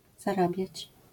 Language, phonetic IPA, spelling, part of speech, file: Polish, [zaˈrabʲjät͡ɕ], zarabiać, verb, LL-Q809 (pol)-zarabiać.wav